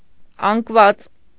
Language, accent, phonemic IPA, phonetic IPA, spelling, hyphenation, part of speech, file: Armenian, Eastern Armenian, /ɑnkˈvɑt͡s/, [ɑŋkvɑ́t͡s], անկված, անկ‧ված, noun, Hy-անկված.ogg
- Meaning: texture, textile fabric